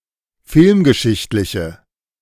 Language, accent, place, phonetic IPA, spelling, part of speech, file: German, Germany, Berlin, [ˈfɪlmɡəˌʃɪçtlɪçə], filmgeschichtliche, adjective, De-filmgeschichtliche.ogg
- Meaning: inflection of filmgeschichtlich: 1. strong/mixed nominative/accusative feminine singular 2. strong nominative/accusative plural 3. weak nominative all-gender singular